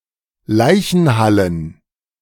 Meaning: plural of Leichenhalle
- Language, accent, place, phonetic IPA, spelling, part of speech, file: German, Germany, Berlin, [ˈlaɪ̯çn̩ˌhalən], Leichenhallen, noun, De-Leichenhallen.ogg